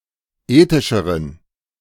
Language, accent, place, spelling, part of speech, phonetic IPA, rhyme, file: German, Germany, Berlin, ethischeren, adjective, [ˈeːtɪʃəʁən], -eːtɪʃəʁən, De-ethischeren.ogg
- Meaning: inflection of ethisch: 1. strong genitive masculine/neuter singular comparative degree 2. weak/mixed genitive/dative all-gender singular comparative degree